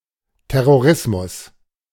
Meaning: terrorism
- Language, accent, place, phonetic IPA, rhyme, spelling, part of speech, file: German, Germany, Berlin, [tɛʁoˈʁɪsmʊs], -ɪsmʊs, Terrorismus, noun, De-Terrorismus.ogg